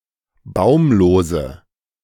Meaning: inflection of baumlos: 1. strong/mixed nominative/accusative feminine singular 2. strong nominative/accusative plural 3. weak nominative all-gender singular 4. weak accusative feminine/neuter singular
- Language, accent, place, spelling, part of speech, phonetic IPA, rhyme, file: German, Germany, Berlin, baumlose, adjective, [ˈbaʊ̯mloːzə], -aʊ̯mloːzə, De-baumlose.ogg